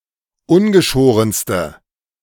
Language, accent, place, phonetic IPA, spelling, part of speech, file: German, Germany, Berlin, [ˈʊnɡəˌʃoːʁənstə], ungeschorenste, adjective, De-ungeschorenste.ogg
- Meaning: inflection of ungeschoren: 1. strong/mixed nominative/accusative feminine singular superlative degree 2. strong nominative/accusative plural superlative degree